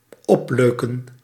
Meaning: to embellish, to decorate, to make more stylish
- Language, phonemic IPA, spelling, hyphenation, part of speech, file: Dutch, /ˈɔpˌløː.kə(n)/, opleuken, op‧leu‧ken, verb, Nl-opleuken.ogg